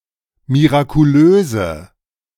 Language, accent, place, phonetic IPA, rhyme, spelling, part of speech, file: German, Germany, Berlin, [miʁakuˈløːzə], -øːzə, mirakulöse, adjective, De-mirakulöse.ogg
- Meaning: inflection of mirakulös: 1. strong/mixed nominative/accusative feminine singular 2. strong nominative/accusative plural 3. weak nominative all-gender singular